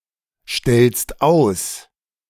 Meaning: second-person singular present of ausstellen
- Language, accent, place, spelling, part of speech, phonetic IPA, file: German, Germany, Berlin, stellst aus, verb, [ˌʃtɛlst ˈaʊ̯s], De-stellst aus.ogg